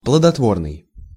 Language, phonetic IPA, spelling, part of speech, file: Russian, [pɫədɐtˈvornɨj], плодотворный, adjective, Ru-плодотворный.ogg
- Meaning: fruitful, productive